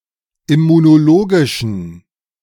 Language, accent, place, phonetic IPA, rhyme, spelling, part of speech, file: German, Germany, Berlin, [ɪmunoˈloːɡɪʃn̩], -oːɡɪʃn̩, immunologischen, adjective, De-immunologischen.ogg
- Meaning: inflection of immunologisch: 1. strong genitive masculine/neuter singular 2. weak/mixed genitive/dative all-gender singular 3. strong/weak/mixed accusative masculine singular 4. strong dative plural